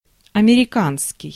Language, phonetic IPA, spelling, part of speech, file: Russian, [ɐmʲɪrʲɪˈkanskʲɪj], американский, adjective, Ru-американский.ogg
- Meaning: American